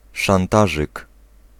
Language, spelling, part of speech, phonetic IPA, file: Polish, szantażyk, noun, [ʃãnˈtaʒɨk], Pl-szantażyk.ogg